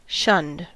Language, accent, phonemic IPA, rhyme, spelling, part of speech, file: English, US, /ʃʌnd/, -ʌnd, shunned, verb, En-us-shunned.ogg
- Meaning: simple past and past participle of shun